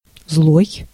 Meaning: 1. wicked, evil, ill-natured 2. malicious, malevolent, spiteful 3. angry, enraged, "mad" 4. rabid, irate, venomous 5. fierce, severe, bitter 6. ill, harmful, evil, bad
- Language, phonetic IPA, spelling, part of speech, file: Russian, [zɫoj], злой, adjective, Ru-злой.ogg